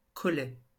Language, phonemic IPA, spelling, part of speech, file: French, /kɔ.lɛ/, collet, noun, LL-Q150 (fra)-collet.wav
- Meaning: 1. collar 2. snare, noose 3. cape 4. neck (of tooth) 5. neck